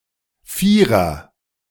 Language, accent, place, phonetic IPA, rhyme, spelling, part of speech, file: German, Germany, Berlin, [ˈfiːʁən], -iːʁən, Vieren, noun, De-Vieren.ogg
- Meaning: plural of Vier